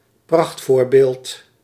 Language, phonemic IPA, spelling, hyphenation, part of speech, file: Dutch, /ˈprɑxtˌfoːr.beːlt/, prachtvoorbeeld, pracht‧voor‧beeld, noun, Nl-prachtvoorbeeld.ogg
- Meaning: great example, very illustrative example